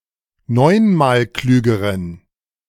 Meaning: inflection of neunmalklug: 1. strong genitive masculine/neuter singular comparative degree 2. weak/mixed genitive/dative all-gender singular comparative degree
- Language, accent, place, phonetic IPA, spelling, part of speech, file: German, Germany, Berlin, [ˈnɔɪ̯nmaːlˌklyːɡəʁən], neunmalklügeren, adjective, De-neunmalklügeren.ogg